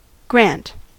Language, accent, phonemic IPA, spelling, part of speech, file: English, US, /ɡɹænt/, grant, verb / noun, En-us-grant.ogg
- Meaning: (verb) 1. To give (permission or wish) 2. To give (bestow upon or confer, particularly in answer to prayer or request)